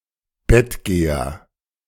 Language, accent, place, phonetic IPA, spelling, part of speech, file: German, Germany, Berlin, [ˌbɛtətət ˈaɪ̯n], bettetet ein, verb, De-bettetet ein.ogg
- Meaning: inflection of einbetten: 1. second-person plural preterite 2. second-person plural subjunctive II